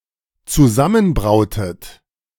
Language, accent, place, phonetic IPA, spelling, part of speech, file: German, Germany, Berlin, [t͡suˈzamənˌbʁaʊ̯tət], zusammenbrautet, verb, De-zusammenbrautet.ogg
- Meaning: inflection of zusammenbrauen: 1. second-person plural dependent preterite 2. second-person plural dependent subjunctive II